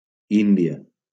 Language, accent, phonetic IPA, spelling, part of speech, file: Catalan, Valencia, [ˈin.di.a], Índia, proper noun, LL-Q7026 (cat)-Índia.wav
- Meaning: India (a country in South Asia)